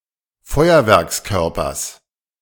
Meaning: genitive singular of Feuerwerkskörper
- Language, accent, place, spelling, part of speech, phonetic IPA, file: German, Germany, Berlin, Feuerwerkskörpers, noun, [ˈfɔɪ̯ɐvɛʁksˌkœʁpɐs], De-Feuerwerkskörpers.ogg